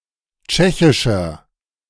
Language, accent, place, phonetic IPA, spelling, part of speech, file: German, Germany, Berlin, [ˈt͡ʃɛçɪʃɐ], tschechischer, adjective, De-tschechischer.ogg
- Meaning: inflection of tschechisch: 1. strong/mixed nominative masculine singular 2. strong genitive/dative feminine singular 3. strong genitive plural